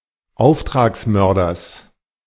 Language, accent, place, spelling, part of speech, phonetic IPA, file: German, Germany, Berlin, Auftragsmörders, noun, [ˈaʊ̯ftʁaːksˌmœʁdɐs], De-Auftragsmörders.ogg
- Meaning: genitive singular of Auftragsmörder